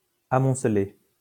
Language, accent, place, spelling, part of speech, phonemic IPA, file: French, France, Lyon, amoncelé, verb, /a.mɔ̃.sle/, LL-Q150 (fra)-amoncelé.wav
- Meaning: past participle of amonceler